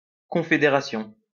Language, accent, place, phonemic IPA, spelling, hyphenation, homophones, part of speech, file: French, France, Lyon, /kɔ̃.fe.de.ʁa.sjɔ̃/, confédération, con‧fé‧dé‧ra‧tion, confédérations, noun, LL-Q150 (fra)-confédération.wav
- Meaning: an alliance, confederation